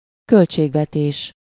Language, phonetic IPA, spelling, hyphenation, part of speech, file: Hungarian, [ˈkølt͡ʃeːɡvɛteːʃ], költségvetés, költ‧ség‧ve‧tés, noun, Hu-költségvetés.ogg
- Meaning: 1. budget (amount of money or resources) 2. budget (itemized summary of intended expenditure)